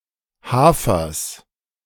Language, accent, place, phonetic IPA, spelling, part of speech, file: German, Germany, Berlin, [ˈhaːfɐs], Hafers, noun, De-Hafers.ogg
- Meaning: genitive singular of Hafer